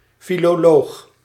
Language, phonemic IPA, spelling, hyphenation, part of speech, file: Dutch, /ˌfiloːˈloːɣ/, filoloog, fi‧lo‧loog, noun, Nl-filoloog.ogg
- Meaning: philologist